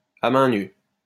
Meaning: barehanded, with one's bare hands
- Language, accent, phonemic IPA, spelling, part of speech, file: French, France, /a mɛ̃ ny/, à mains nues, adjective, LL-Q150 (fra)-à mains nues.wav